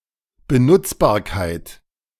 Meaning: useability
- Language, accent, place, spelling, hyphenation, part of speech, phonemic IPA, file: German, Germany, Berlin, Benutzbarkeit, Be‧nutz‧bar‧keit, noun, /bəˈnʊt͡sbaːɐ̯kaɪ̯t/, De-Benutzbarkeit.ogg